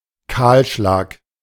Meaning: clearcutting
- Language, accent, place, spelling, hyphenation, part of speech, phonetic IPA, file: German, Germany, Berlin, Kahlschlag, Kahl‧schlag, noun, [ˈkaːlˌʃlaːk], De-Kahlschlag.ogg